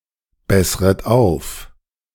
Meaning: second-person plural subjunctive I of aufbessern
- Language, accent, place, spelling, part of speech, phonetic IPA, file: German, Germany, Berlin, bessret auf, verb, [ˌbɛsʁət ˈaʊ̯f], De-bessret auf.ogg